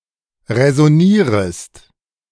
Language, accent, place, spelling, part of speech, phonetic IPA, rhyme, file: German, Germany, Berlin, räsonierest, verb, [ʁɛzɔˈniːʁəst], -iːʁəst, De-räsonierest.ogg
- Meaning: second-person singular subjunctive I of räsonieren